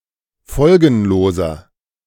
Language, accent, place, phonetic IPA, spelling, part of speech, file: German, Germany, Berlin, [ˈfɔlɡn̩loːzɐ], folgenloser, adjective, De-folgenloser.ogg
- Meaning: inflection of folgenlos: 1. strong/mixed nominative masculine singular 2. strong genitive/dative feminine singular 3. strong genitive plural